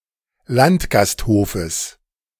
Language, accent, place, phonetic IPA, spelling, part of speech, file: German, Germany, Berlin, [ˈlantɡasthoːfəs], Landgasthofes, noun, De-Landgasthofes.ogg
- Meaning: genitive singular of Landgasthof